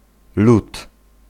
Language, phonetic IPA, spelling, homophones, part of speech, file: Polish, [lut], lut, lud / lód, noun, Pl-lut.ogg